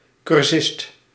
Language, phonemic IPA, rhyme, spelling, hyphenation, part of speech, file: Dutch, /kʏrˈsɪst/, -ɪst, cursist, cur‧sist, noun, Nl-cursist.ogg
- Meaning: learner, student following a course (usually outside of the standard educational system)